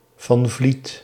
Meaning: a surname
- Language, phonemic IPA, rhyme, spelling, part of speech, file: Dutch, /vɑn ˈvlit/, -it, van Vliet, proper noun, Nl-van Vliet.ogg